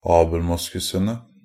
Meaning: definite plural of abelmoskus
- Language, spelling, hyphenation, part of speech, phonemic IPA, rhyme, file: Norwegian Bokmål, abelmoskusene, ab‧el‧mos‧ku‧se‧ne, noun, /ɑːbl̩ˈmʊskʉsənə/, -ənə, NB - Pronunciation of Norwegian Bokmål «abelmoskusene».ogg